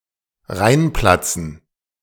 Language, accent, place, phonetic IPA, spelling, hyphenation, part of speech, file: German, Germany, Berlin, [ˈʁaɪ̯nˌplat͡sn̩], reinplatzen, rein‧plat‧zen, verb, De-reinplatzen.ogg
- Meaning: to barge in